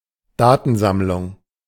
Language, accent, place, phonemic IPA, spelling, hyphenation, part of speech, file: German, Germany, Berlin, /ˈdaːtn̩zamlʊŋ/, Datensammlung, Da‧ten‧samm‧lung, noun, De-Datensammlung.ogg
- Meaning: data collection